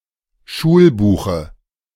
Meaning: dative of Schulbuch
- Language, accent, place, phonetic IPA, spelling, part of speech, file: German, Germany, Berlin, [ˈʃuːlˌbuːxə], Schulbuche, noun, De-Schulbuche.ogg